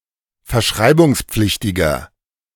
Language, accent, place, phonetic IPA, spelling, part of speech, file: German, Germany, Berlin, [fɛɐ̯ˈʃʁaɪ̯bʊŋsˌp͡flɪçtɪɡɐ], verschreibungspflichtiger, adjective, De-verschreibungspflichtiger.ogg
- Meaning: inflection of verschreibungspflichtig: 1. strong/mixed nominative masculine singular 2. strong genitive/dative feminine singular 3. strong genitive plural